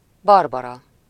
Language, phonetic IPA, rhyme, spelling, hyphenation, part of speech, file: Hungarian, [ˈbɒrbɒrɒ], -rɒ, Barbara, Bar‧ba‧ra, proper noun, Hu-Barbara.ogg
- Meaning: a female given name